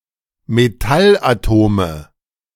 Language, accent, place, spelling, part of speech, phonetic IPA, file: German, Germany, Berlin, Metallatome, noun, [meˈtalʔaˌtoːmə], De-Metallatome.ogg
- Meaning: nominative/accusative/genitive plural of Metallatom